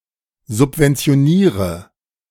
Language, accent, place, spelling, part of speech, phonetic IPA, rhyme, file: German, Germany, Berlin, subventioniere, verb, [zʊpvɛnt͡si̯oˈniːʁə], -iːʁə, De-subventioniere.ogg
- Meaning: inflection of subventionieren: 1. first-person singular present 2. singular imperative 3. first/third-person singular subjunctive I